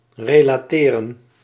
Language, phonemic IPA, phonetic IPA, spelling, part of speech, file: Dutch, /reːlaːˈteːrə(n)/, [relaˈtɪːrə(n)], relateren, verb, Nl-relateren.ogg
- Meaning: to relate